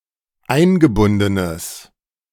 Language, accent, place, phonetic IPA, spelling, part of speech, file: German, Germany, Berlin, [ˈaɪ̯nɡəˌbʊndənəs], eingebundenes, adjective, De-eingebundenes.ogg
- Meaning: strong/mixed nominative/accusative neuter singular of eingebunden